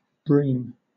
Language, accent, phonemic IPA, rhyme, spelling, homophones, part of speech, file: English, Southern England, /bɹiːm/, -iːm, breme, bream, adjective, LL-Q1860 (eng)-breme.wav
- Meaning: Of the sea, wind, etc.: fierce; raging; stormy, tempestuous